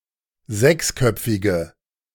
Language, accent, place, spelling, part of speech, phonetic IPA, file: German, Germany, Berlin, sechsköpfige, adjective, [ˈzɛksˌkœp͡fɪɡə], De-sechsköpfige.ogg
- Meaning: inflection of sechsköpfig: 1. strong/mixed nominative/accusative feminine singular 2. strong nominative/accusative plural 3. weak nominative all-gender singular